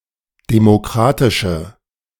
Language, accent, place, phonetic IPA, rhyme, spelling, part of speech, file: German, Germany, Berlin, [demoˈkʁaːtɪʃə], -aːtɪʃə, demokratische, adjective, De-demokratische.ogg
- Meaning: inflection of demokratisch: 1. strong/mixed nominative/accusative feminine singular 2. strong nominative/accusative plural 3. weak nominative all-gender singular